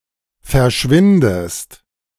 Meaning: inflection of verschwinden: 1. second-person singular present 2. second-person singular subjunctive I
- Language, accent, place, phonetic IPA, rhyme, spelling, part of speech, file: German, Germany, Berlin, [fɛɐ̯ˈʃvɪndəst], -ɪndəst, verschwindest, verb, De-verschwindest.ogg